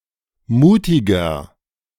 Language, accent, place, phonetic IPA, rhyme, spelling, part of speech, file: German, Germany, Berlin, [ˈmuːtɪɡɐ], -uːtɪɡɐ, mutiger, adjective, De-mutiger.ogg
- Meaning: 1. comparative degree of mutig 2. inflection of mutig: strong/mixed nominative masculine singular 3. inflection of mutig: strong genitive/dative feminine singular